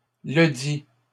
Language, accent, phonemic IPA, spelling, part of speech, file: French, Canada, /lə.di/, ledit, determiner, LL-Q150 (fra)-ledit.wav
- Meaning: said, the said, the aforementioned